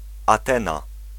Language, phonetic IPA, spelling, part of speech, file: Polish, [aˈtɛ̃na], Atena, proper noun, Pl-Atena.ogg